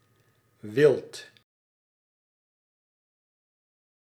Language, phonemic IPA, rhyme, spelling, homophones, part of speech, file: Dutch, /ʋɪlt/, -ɪlt, wilt, wild, verb, Nl-wilt.ogg
- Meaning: inflection of willen: 1. second-person singular present indicative 2. plural imperative